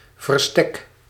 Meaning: absence from a court meeting to which one has been summoned, default
- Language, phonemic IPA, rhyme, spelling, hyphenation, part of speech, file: Dutch, /vərˈstɛk/, -ɛk, verstek, ver‧stek, noun, Nl-verstek.ogg